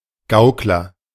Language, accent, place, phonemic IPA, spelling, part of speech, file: German, Germany, Berlin, /ˈɡaʊ̯klɐ/, Gaukler, noun, De-Gaukler.ogg
- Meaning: juggler, legerdemainist